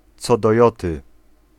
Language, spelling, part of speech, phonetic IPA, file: Polish, co do joty, adverbial phrase, [ˈt͡sɔ dɔ‿ˈjɔtɨ], Pl-co do joty.ogg